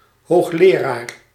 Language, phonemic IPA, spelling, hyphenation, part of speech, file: Dutch, /ˌɦoːxˈleː.raːr/, hoogleraar, hoog‧le‧raar, noun, Nl-hoogleraar.ogg
- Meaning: professor